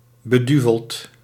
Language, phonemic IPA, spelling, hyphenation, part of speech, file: Dutch, /bəˈdy.vəlt/, beduveld, be‧du‧veld, adjective / verb, Nl-beduveld.ogg
- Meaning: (adjective) 1. possessed by devils 2. nuts, senseless; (verb) past participle of beduvelen